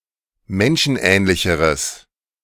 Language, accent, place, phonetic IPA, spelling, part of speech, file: German, Germany, Berlin, [ˈmɛnʃn̩ˌʔɛːnlɪçəʁəs], menschenähnlicheres, adjective, De-menschenähnlicheres.ogg
- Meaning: strong/mixed nominative/accusative neuter singular comparative degree of menschenähnlich